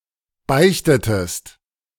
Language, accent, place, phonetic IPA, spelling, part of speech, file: German, Germany, Berlin, [ˈbaɪ̯çtətəst], beichtetest, verb, De-beichtetest.ogg
- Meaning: inflection of beichten: 1. second-person singular preterite 2. second-person singular subjunctive II